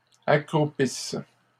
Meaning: inflection of accroupir: 1. third-person plural present indicative/subjunctive 2. third-person plural imperfect subjunctive
- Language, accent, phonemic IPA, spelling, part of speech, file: French, Canada, /a.kʁu.pis/, accroupissent, verb, LL-Q150 (fra)-accroupissent.wav